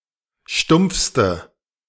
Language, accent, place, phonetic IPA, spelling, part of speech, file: German, Germany, Berlin, [ˈʃtʊmp͡fstə], stumpfste, adjective, De-stumpfste.ogg
- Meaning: inflection of stumpf: 1. strong/mixed nominative/accusative feminine singular superlative degree 2. strong nominative/accusative plural superlative degree